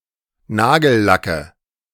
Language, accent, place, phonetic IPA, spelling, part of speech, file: German, Germany, Berlin, [ˈnaːɡl̩ˌlakə], Nagellacke, noun, De-Nagellacke.ogg
- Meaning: nominative/accusative/genitive plural of Nagellack